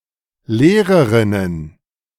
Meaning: plural of Lehrerin
- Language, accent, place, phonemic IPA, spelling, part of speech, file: German, Germany, Berlin, /ˈleːʁəʁɪnən/, Lehrerinnen, noun, De-Lehrerinnen.ogg